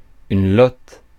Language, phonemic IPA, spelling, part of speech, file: French, /lɔt/, lotte, noun, Fr-lotte.ogg
- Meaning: 1. burbot (a freshwater fish, Lota lota) 2. the tail meat of an anglerfish (a marine fish, Lophius piscatorius)